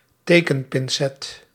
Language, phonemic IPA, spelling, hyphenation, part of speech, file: Dutch, /ˈteː.kə(n).pɪnˌsɛt/, tekenpincet, te‧ken‧pin‧cet, noun, Nl-tekenpincet.ogg
- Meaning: a pair of tick tweezers, a tick remover